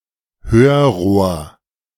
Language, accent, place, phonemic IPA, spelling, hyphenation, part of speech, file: German, Germany, Berlin, /ˈhøːɐ̯ˌʁoːɐ̯/, Hörrohr, Hör‧rohr, noun, De-Hörrohr.ogg
- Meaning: ear trumpet